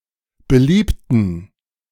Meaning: inflection of beliebt: 1. strong genitive masculine/neuter singular 2. weak/mixed genitive/dative all-gender singular 3. strong/weak/mixed accusative masculine singular 4. strong dative plural
- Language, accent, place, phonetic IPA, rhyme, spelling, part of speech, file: German, Germany, Berlin, [bəˈliːptn̩], -iːptn̩, beliebten, adjective / verb, De-beliebten.ogg